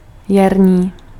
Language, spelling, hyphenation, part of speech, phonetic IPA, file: Czech, jarní, jar‧ní, adjective, [ˈjarɲiː], Cs-jarní.ogg
- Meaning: spring, vernal (related to the season)